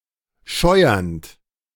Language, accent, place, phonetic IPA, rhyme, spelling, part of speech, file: German, Germany, Berlin, [ˈʃɔɪ̯ɐnt], -ɔɪ̯ɐnt, scheuernd, verb, De-scheuernd.ogg
- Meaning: present participle of scheuern